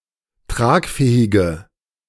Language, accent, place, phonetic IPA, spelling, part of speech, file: German, Germany, Berlin, [ˈtʁaːkˌfɛːɪɡə], tragfähige, adjective, De-tragfähige.ogg
- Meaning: inflection of tragfähig: 1. strong/mixed nominative/accusative feminine singular 2. strong nominative/accusative plural 3. weak nominative all-gender singular